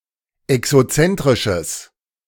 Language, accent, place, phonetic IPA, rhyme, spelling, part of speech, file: German, Germany, Berlin, [ɛksoˈt͡sɛntʁɪʃəs], -ɛntʁɪʃəs, exozentrisches, adjective, De-exozentrisches.ogg
- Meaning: strong/mixed nominative/accusative neuter singular of exozentrisch